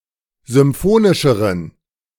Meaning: inflection of symphonisch: 1. strong genitive masculine/neuter singular comparative degree 2. weak/mixed genitive/dative all-gender singular comparative degree
- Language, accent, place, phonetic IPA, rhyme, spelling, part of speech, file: German, Germany, Berlin, [zʏmˈfoːnɪʃəʁən], -oːnɪʃəʁən, symphonischeren, adjective, De-symphonischeren.ogg